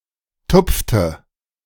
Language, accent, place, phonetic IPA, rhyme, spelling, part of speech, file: German, Germany, Berlin, [ˈtʊp͡ftə], -ʊp͡ftə, tupfte, verb, De-tupfte.ogg
- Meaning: inflection of tupfen: 1. first/third-person singular preterite 2. first/third-person singular subjunctive II